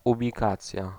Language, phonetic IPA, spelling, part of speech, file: Polish, [ˌubʲiˈkat͡sʲja], ubikacja, noun, Pl-ubikacja.ogg